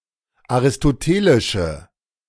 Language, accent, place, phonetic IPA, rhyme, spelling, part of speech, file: German, Germany, Berlin, [aʁɪstoˈteːlɪʃə], -eːlɪʃə, aristotelische, adjective, De-aristotelische.ogg
- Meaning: inflection of aristotelisch: 1. strong/mixed nominative/accusative feminine singular 2. strong nominative/accusative plural 3. weak nominative all-gender singular